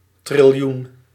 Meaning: quintillion, 10¹⁸
- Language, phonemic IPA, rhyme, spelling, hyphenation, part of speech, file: Dutch, /trɪlˈjun/, -un, triljoen, tril‧joen, noun, Nl-triljoen.ogg